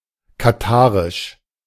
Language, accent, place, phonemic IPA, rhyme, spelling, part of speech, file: German, Germany, Berlin, /kaˈtaːʁɪʃ/, -aːʁɪʃ, katharisch, adjective, De-katharisch.ogg
- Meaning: Cathar